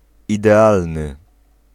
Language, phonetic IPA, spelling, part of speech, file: Polish, [ˌidɛˈalnɨ], idealny, adjective, Pl-idealny.ogg